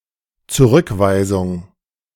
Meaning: 1. rejection, repudiation, rebuttal 2. refusal, rebuff 3. refoulment
- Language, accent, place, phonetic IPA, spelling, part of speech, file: German, Germany, Berlin, [t͡suˈʁʏkˌvaɪ̯zʊŋ], Zurückweisung, noun, De-Zurückweisung.ogg